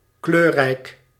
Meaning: colorful
- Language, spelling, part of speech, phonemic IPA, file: Dutch, kleurrijk, adjective, /ˈkløːrɛi̯k/, Nl-kleurrijk.ogg